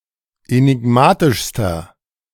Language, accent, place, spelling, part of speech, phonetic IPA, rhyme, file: German, Germany, Berlin, enigmatischster, adjective, [enɪˈɡmaːtɪʃstɐ], -aːtɪʃstɐ, De-enigmatischster.ogg
- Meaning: inflection of enigmatisch: 1. strong/mixed nominative masculine singular superlative degree 2. strong genitive/dative feminine singular superlative degree 3. strong genitive plural superlative degree